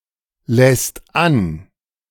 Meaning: second/third-person singular present of anlassen
- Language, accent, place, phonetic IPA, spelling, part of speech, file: German, Germany, Berlin, [lɛst ˈan], lässt an, verb, De-lässt an.ogg